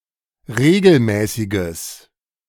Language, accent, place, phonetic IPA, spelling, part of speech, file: German, Germany, Berlin, [ˈʁeːɡl̩ˌmɛːsɪɡəs], regelmäßiges, adjective, De-regelmäßiges.ogg
- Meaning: strong/mixed nominative/accusative neuter singular of regelmäßig